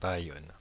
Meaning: Bayonne (a city and commune of Pyrénées-Atlantiques department, Nouvelle-Aquitaine, France)
- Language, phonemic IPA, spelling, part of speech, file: French, /ba.jɔn/, Bayonne, proper noun, Fr-Bayonne.ogg